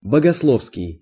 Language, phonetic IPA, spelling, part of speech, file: Russian, [bəɡɐsˈɫofskʲɪj], богословский, adjective, Ru-богословский.ogg
- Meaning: theological